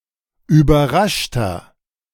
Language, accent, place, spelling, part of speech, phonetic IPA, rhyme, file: German, Germany, Berlin, überraschter, adjective, [yːbɐˈʁaʃtɐ], -aʃtɐ, De-überraschter.ogg
- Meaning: 1. comparative degree of überrascht 2. inflection of überrascht: strong/mixed nominative masculine singular 3. inflection of überrascht: strong genitive/dative feminine singular